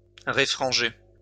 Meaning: to refract
- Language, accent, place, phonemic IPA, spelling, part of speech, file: French, France, Lyon, /ʁe.fʁɑ̃.ʒe/, réfranger, verb, LL-Q150 (fra)-réfranger.wav